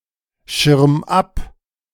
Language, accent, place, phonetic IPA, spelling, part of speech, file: German, Germany, Berlin, [ˌʃɪʁm ˈap], schirm ab, verb, De-schirm ab.ogg
- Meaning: 1. singular imperative of abschirmen 2. first-person singular present of abschirmen